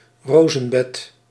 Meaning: a rosebed
- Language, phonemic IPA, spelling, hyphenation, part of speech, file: Dutch, /ˈroː.zə(n)ˌbɛt/, rozenbed, ro‧zen‧bed, noun, Nl-rozenbed.ogg